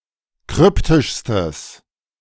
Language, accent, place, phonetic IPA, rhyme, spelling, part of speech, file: German, Germany, Berlin, [ˈkʁʏptɪʃstəs], -ʏptɪʃstəs, kryptischstes, adjective, De-kryptischstes.ogg
- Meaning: strong/mixed nominative/accusative neuter singular superlative degree of kryptisch